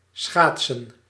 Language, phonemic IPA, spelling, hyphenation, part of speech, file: Dutch, /ˈsxaːt.sə(n)/, schaatsen, schaat‧sen, verb / noun, Nl-schaatsen.ogg
- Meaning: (verb) to skate; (noun) plural of schaats